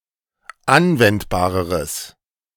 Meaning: strong/mixed nominative/accusative neuter singular comparative degree of anwendbar
- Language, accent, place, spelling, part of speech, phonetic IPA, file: German, Germany, Berlin, anwendbareres, adjective, [ˈanvɛntbaːʁəʁəs], De-anwendbareres.ogg